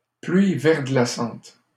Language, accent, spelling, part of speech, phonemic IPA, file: French, Canada, pluie verglaçante, noun, /plɥi vɛʁ.ɡla.sɑ̃t/, LL-Q150 (fra)-pluie verglaçante.wav
- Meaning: freezing rain